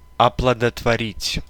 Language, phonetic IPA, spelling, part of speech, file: Russian, [ɐpɫədətvɐˈrʲitʲ], оплодотворить, verb, Ru-оплодотворить.ogg
- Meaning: to inseminate, to fertilize, to impregnate